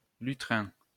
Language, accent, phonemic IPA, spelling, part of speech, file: French, France, /ly.tʁɛ̃/, lutrin, noun, LL-Q150 (fra)-lutrin.wav
- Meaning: lectern